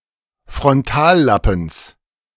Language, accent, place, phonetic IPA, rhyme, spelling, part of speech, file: German, Germany, Berlin, [fʁɔnˈtaːlˌlapn̩s], -aːllapn̩s, Frontallappens, noun, De-Frontallappens.ogg
- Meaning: genitive singular of Frontallappen